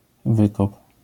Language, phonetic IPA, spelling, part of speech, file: Polish, [ˈvɨkɔp], wykop, noun / verb, LL-Q809 (pol)-wykop.wav